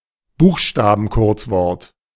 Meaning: acronym
- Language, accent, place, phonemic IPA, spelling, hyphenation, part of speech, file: German, Germany, Berlin, /ˈbuːxʃtaːbn̩ˌkʊʁt͡svɔʁt/, Buchstabenkurzwort, Buch‧sta‧ben‧kurz‧wort, noun, De-Buchstabenkurzwort.ogg